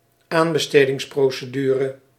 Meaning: tender procedure
- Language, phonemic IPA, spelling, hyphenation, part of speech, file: Dutch, /ˈaːn.bə.steː.dɪŋs.proː.səˌdyː.rə/, aanbestedingsprocedure, aan‧be‧ste‧dings‧pro‧ce‧du‧re, noun, Nl-aanbestedingsprocedure.ogg